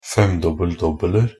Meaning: indefinite plural of femdobbel-dobbel
- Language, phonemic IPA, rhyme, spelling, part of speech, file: Norwegian Bokmål, /ˈfɛmdɔbːəl.dɔbːələr/, -ər, femdobbel-dobbeler, noun, Nb-femdobbel-dobbeler.ogg